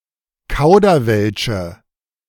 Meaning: inflection of kauderwelsch: 1. strong/mixed nominative/accusative feminine singular 2. strong nominative/accusative plural 3. weak nominative all-gender singular
- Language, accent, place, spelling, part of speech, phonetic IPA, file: German, Germany, Berlin, kauderwelsche, verb, [ˈkaʊ̯dɐˌvɛlʃə], De-kauderwelsche.ogg